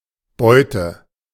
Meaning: 1. booty; spoils; haul (something robbed) 2. prey; quarry (that which is hunted by animals or people) 3. hive, beehive (artificial structure for housing honeybees, excluding the swarm and its combs)
- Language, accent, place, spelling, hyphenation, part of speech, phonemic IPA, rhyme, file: German, Germany, Berlin, Beute, Beu‧te, noun, /ˈbɔʏ̯tə/, -ɔʏ̯tə, De-Beute.ogg